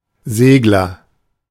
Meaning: 1. one who sails, steers sailing boats; a sailor (for sport or recreation) 2. short for a craft that sails or glides, especially a sailing boat, but also a paraglider, sailplane, etc 3. swift (bird)
- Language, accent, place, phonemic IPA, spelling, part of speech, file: German, Germany, Berlin, /ˈzeːɡlɐ/, Segler, noun, De-Segler.ogg